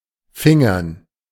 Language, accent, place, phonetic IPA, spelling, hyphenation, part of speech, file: German, Germany, Berlin, [ˈfɪŋɐn], fingern, fin‧gern, verb, De-fingern.ogg
- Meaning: 1. to fumble, to grope 2. to pull out 3. to finger (stimulate sexually) 4. to pull off, to wangle 5. to nick, to pinch